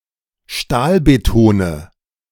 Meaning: nominative/accusative/genitive plural of Stahlbeton
- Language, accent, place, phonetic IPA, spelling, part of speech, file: German, Germany, Berlin, [ˈʃtaːlbeˌtoːnə], Stahlbetone, noun, De-Stahlbetone.ogg